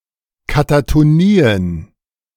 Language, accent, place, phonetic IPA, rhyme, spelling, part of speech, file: German, Germany, Berlin, [katatoˈniːən], -iːən, Katatonien, noun, De-Katatonien.ogg
- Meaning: plural of Katatonie